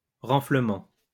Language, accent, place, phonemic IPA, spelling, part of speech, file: French, France, Lyon, /ʁɑ̃.flə.mɑ̃/, renflement, noun, LL-Q150 (fra)-renflement.wav
- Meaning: bulge